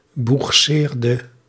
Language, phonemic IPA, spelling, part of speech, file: Dutch, /buxˈserdə/, boegseerde, verb, Nl-boegseerde.ogg
- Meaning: inflection of boegseren: 1. singular past indicative 2. singular past subjunctive